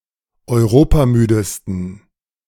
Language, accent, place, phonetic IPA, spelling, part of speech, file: German, Germany, Berlin, [ɔɪ̯ˈʁoːpaˌmyːdəstn̩], europamüdesten, adjective, De-europamüdesten.ogg
- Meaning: 1. superlative degree of europamüde 2. inflection of europamüde: strong genitive masculine/neuter singular superlative degree